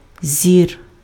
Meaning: 1. vision, sight 2. genitive plural of зоря́ (zorjá)
- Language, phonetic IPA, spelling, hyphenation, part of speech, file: Ukrainian, [zʲir], зір, зір, noun, Uk-зір.ogg